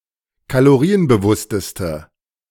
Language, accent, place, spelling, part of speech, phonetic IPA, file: German, Germany, Berlin, kalorienbewussteste, adjective, [kaloˈʁiːənbəˌvʊstəstə], De-kalorienbewussteste.ogg
- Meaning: inflection of kalorienbewusst: 1. strong/mixed nominative/accusative feminine singular superlative degree 2. strong nominative/accusative plural superlative degree